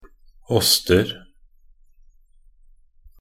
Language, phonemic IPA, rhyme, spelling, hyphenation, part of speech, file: Norwegian Bokmål, /ˈɔstər/, -ər, åster, åst‧er, noun, Nb-åster.ogg
- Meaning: indefinite plural of åst